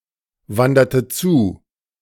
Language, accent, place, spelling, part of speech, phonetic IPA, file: German, Germany, Berlin, wanderte zu, verb, [ˌvandɐtə ˈt͡suː], De-wanderte zu.ogg
- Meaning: inflection of zuwandern: 1. first/third-person singular preterite 2. first/third-person singular subjunctive II